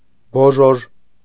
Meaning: 1. cocoon, especially silkworm cocoon 2. boll of cotton 3. little bell, handbell
- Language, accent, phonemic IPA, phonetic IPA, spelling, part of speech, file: Armenian, Eastern Armenian, /boˈʒoʒ/, [boʒóʒ], բոժոժ, noun, Hy-բոժոժ.ogg